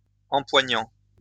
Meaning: present participle of empoigner
- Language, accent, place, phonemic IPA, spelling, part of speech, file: French, France, Lyon, /ɑ̃.pwa.ɲɑ̃/, empoignant, verb, LL-Q150 (fra)-empoignant.wav